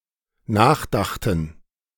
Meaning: first/third-person plural dependent preterite of nachdenken
- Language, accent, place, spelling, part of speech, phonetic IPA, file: German, Germany, Berlin, nachdachten, verb, [ˈnaːxˌdaxtn̩], De-nachdachten.ogg